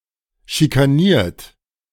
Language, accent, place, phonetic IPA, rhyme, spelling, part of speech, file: German, Germany, Berlin, [ʃikaˈniːɐ̯t], -iːɐ̯t, schikaniert, verb, De-schikaniert.ogg
- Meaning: 1. past participle of schikanieren 2. inflection of schikanieren: third-person singular present 3. inflection of schikanieren: second-person plural present